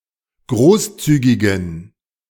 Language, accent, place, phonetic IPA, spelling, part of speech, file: German, Germany, Berlin, [ˈɡʁoːsˌt͡syːɡɪɡn̩], großzügigen, adjective, De-großzügigen.ogg
- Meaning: inflection of großzügig: 1. strong genitive masculine/neuter singular 2. weak/mixed genitive/dative all-gender singular 3. strong/weak/mixed accusative masculine singular 4. strong dative plural